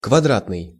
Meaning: square
- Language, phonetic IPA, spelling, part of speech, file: Russian, [kvɐˈdratnɨj], квадратный, adjective, Ru-квадратный.ogg